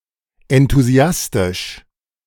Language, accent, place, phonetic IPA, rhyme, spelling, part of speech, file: German, Germany, Berlin, [ɛntuˈzi̯astɪʃ], -astɪʃ, enthusiastisch, adjective, De-enthusiastisch.ogg
- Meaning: enthusiastic